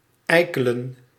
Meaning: 1. to (let) forage for acorns 2. to be annoying, to act like a jerk
- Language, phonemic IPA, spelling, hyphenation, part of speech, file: Dutch, /ˈɛi̯kələ(n)/, eikelen, ei‧ke‧len, verb, Nl-eikelen.ogg